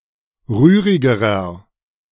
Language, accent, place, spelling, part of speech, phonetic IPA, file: German, Germany, Berlin, rührigerer, adjective, [ˈʁyːʁɪɡəʁɐ], De-rührigerer.ogg
- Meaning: inflection of rührig: 1. strong/mixed nominative masculine singular comparative degree 2. strong genitive/dative feminine singular comparative degree 3. strong genitive plural comparative degree